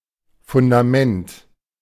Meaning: 1. foundation 2. base 3. footing, grounding
- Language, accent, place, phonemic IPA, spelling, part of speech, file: German, Germany, Berlin, /fʊndaˈmɛnt/, Fundament, noun, De-Fundament.ogg